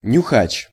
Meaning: 1. aroma tester in the perfume industry (working by smelling perfume samples) 2. person who sniffs (e.g. tobaccos, drugs, etc.)
- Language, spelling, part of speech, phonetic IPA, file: Russian, нюхач, noun, [nʲʊˈxat͡ɕ], Ru-нюхач.ogg